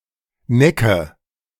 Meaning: inflection of necken: 1. first-person singular present 2. singular imperative 3. first/third-person singular subjunctive I
- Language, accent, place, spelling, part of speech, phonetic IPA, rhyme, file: German, Germany, Berlin, necke, verb, [ˈnɛkə], -ɛkə, De-necke.ogg